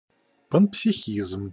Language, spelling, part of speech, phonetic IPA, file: Russian, панпсихизм, noun, [pənpsʲɪˈxʲizm], Ru-панпсихизм.ogg
- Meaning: panpsychism